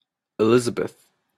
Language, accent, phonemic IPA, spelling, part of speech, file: English, Canada, /ɪˈlɪzəbəθ/, Elizabeth, proper noun, En-ca-Elizabeth.opus
- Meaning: 1. A female given name from Hebrew, popular since the 16th century 2. A surname originating as a matronymic 3. A suburb of Adelaide, Australia; named for Elizabeth II